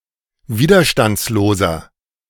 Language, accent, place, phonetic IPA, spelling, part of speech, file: German, Germany, Berlin, [ˈviːdɐʃtant͡sloːzɐ], widerstandsloser, adjective, De-widerstandsloser.ogg
- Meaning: 1. comparative degree of widerstandslos 2. inflection of widerstandslos: strong/mixed nominative masculine singular 3. inflection of widerstandslos: strong genitive/dative feminine singular